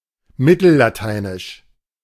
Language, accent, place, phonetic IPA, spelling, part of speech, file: German, Germany, Berlin, [ˈmɪtl̩laˌtaɪ̯nɪʃ], mittellateinisch, adjective, De-mittellateinisch.ogg
- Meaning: Medieval Latin (related to the Medieval Latin language)